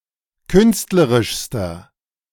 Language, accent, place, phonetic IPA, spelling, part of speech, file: German, Germany, Berlin, [ˈkʏnstləʁɪʃstɐ], künstlerischster, adjective, De-künstlerischster.ogg
- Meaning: inflection of künstlerisch: 1. strong/mixed nominative masculine singular superlative degree 2. strong genitive/dative feminine singular superlative degree 3. strong genitive plural superlative degree